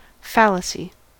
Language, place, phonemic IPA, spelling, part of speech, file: English, California, /ˈfæl.ə.si/, fallacy, noun, En-us-fallacy.ogg
- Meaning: Deceptive or false appearance; that which misleads the eye or the mind